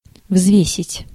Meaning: 1. to weigh (to determine the weight of an object) 2. to weigh (to consider a subject)
- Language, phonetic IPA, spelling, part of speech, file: Russian, [ˈvzvʲesʲɪtʲ], взвесить, verb, Ru-взвесить.ogg